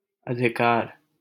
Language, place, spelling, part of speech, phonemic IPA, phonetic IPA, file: Hindi, Delhi, अधिकार, noun, /ə.d̪ʱɪ.kɑːɾ/, [ɐ.d̪ʱɪ.käːɾ], LL-Q1568 (hin)-अधिकार.wav
- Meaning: 1. right, prerogative 2. authority 3. power